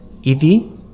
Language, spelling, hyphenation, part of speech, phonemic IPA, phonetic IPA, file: Basque, idi, i‧di, noun, /idi/, [i.ð̞i], Eus-idi.ogg
- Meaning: ox